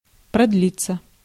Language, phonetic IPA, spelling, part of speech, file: Russian, [prɐdˈlʲit͡sːə], продлиться, verb, Ru-продлиться.ogg
- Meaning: 1. to last (for some time), to draw out 2. passive of продли́ть (prodlítʹ)